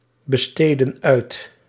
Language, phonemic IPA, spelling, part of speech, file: Dutch, /bəˈstedə(n) ˈœyt/, besteedden uit, verb, Nl-besteedden uit.ogg
- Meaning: inflection of uitbesteden: 1. plural past indicative 2. plural past subjunctive